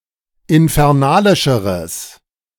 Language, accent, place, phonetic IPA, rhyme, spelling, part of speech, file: German, Germany, Berlin, [ɪnfɛʁˈnaːlɪʃəʁəs], -aːlɪʃəʁəs, infernalischeres, adjective, De-infernalischeres.ogg
- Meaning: strong/mixed nominative/accusative neuter singular comparative degree of infernalisch